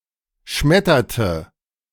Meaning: inflection of schmettern: 1. first/third-person singular preterite 2. first/third-person singular subjunctive II
- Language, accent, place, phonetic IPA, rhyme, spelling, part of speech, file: German, Germany, Berlin, [ˈʃmɛtɐtə], -ɛtɐtə, schmetterte, verb, De-schmetterte.ogg